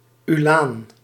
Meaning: uhlan, lightly armed lancer (horseman armed with a lance, used for exploring and skirmishing roles)
- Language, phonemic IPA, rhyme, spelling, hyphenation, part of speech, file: Dutch, /yˈlaːn/, -aːn, ulaan, ulaan, noun, Nl-ulaan.ogg